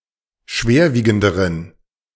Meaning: inflection of schwerwiegend: 1. strong genitive masculine/neuter singular comparative degree 2. weak/mixed genitive/dative all-gender singular comparative degree
- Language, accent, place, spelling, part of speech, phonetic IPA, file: German, Germany, Berlin, schwerwiegenderen, adjective, [ˈʃveːɐ̯ˌviːɡn̩dəʁən], De-schwerwiegenderen.ogg